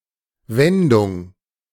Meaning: 1. turn 2. expression, phrase
- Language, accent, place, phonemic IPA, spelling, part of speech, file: German, Germany, Berlin, /ˈvɛndʊŋ/, Wendung, noun, De-Wendung.ogg